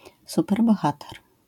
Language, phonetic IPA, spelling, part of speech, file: Polish, [ˌsupɛrbɔˈxatɛr], superbohater, noun, LL-Q809 (pol)-superbohater.wav